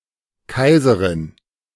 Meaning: empress (wife or widow of an emperor)
- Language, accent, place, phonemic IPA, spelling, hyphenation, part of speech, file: German, Germany, Berlin, /ˈkaɪ̯zəʁɪn/, Kaiserin, Kai‧se‧rin, noun, De-Kaiserin.ogg